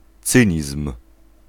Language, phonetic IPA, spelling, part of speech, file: Polish, [ˈt͡sɨ̃ɲism̥], cynizm, noun, Pl-cynizm.ogg